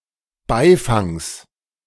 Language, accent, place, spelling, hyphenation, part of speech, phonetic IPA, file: German, Germany, Berlin, Beifangs, Bei‧fangs, noun, [ˈbaɪ̯faŋs], De-Beifangs.ogg
- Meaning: genitive singular of Beifang